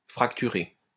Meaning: to fracture
- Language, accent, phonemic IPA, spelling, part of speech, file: French, France, /fʁak.ty.ʁe/, fracturer, verb, LL-Q150 (fra)-fracturer.wav